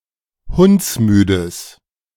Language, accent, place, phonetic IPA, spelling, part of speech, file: German, Germany, Berlin, [ˈhʊnt͡sˌmyːdəs], hundsmüdes, adjective, De-hundsmüdes.ogg
- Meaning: strong/mixed nominative/accusative neuter singular of hundsmüde